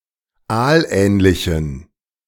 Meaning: inflection of aalähnlich: 1. strong genitive masculine/neuter singular 2. weak/mixed genitive/dative all-gender singular 3. strong/weak/mixed accusative masculine singular 4. strong dative plural
- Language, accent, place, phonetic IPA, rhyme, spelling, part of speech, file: German, Germany, Berlin, [ˈaːlˌʔɛːnlɪçn̩], -aːlʔɛːnlɪçn̩, aalähnlichen, adjective, De-aalähnlichen.ogg